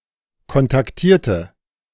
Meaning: inflection of kontaktieren: 1. first/third-person singular preterite 2. first/third-person singular subjunctive II
- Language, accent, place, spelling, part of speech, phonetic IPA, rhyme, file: German, Germany, Berlin, kontaktierte, adjective / verb, [kɔntakˈtiːɐ̯tə], -iːɐ̯tə, De-kontaktierte.ogg